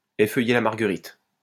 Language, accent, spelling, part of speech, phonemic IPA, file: French, France, effeuiller la marguerite, verb, /e.fœ.je la maʁ.ɡə.ʁit/, LL-Q150 (fra)-effeuiller la marguerite.wav
- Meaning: to play "she loves me, she loves me not"